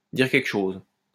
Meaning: 1. to ring a bell 2. to say something
- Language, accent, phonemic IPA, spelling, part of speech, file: French, France, /diʁ kɛl.kə ʃoz/, dire quelque chose, verb, LL-Q150 (fra)-dire quelque chose.wav